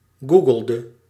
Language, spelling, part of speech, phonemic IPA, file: Dutch, googelde, verb, /ˈɡu.ɡəl.də/, Nl-googelde.ogg
- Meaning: inflection of googelen: 1. singular past indicative 2. singular past subjunctive